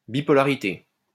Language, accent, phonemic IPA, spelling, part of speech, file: French, France, /bi.pɔ.la.ʁi.te/, bipolarité, noun, LL-Q150 (fra)-bipolarité.wav
- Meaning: 1. bipolarity 2. bipolar disorder